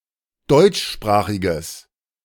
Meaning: strong/mixed nominative/accusative neuter singular of deutschsprachig
- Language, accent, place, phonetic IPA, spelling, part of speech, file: German, Germany, Berlin, [ˈdɔɪ̯t͡ʃˌʃpʁaːxɪɡəs], deutschsprachiges, adjective, De-deutschsprachiges.ogg